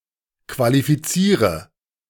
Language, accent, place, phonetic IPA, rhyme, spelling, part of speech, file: German, Germany, Berlin, [kvalifiˈt͡siːʁə], -iːʁə, qualifiziere, verb, De-qualifiziere.ogg
- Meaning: inflection of qualifizieren: 1. first-person singular present 2. singular imperative 3. first/third-person singular subjunctive I